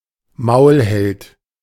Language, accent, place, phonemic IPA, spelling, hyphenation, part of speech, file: German, Germany, Berlin, /ˈmaʊ̯lhɛlt/, Maulheld, Maul‧held, noun, De-Maulheld.ogg
- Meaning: bragger, loudmouth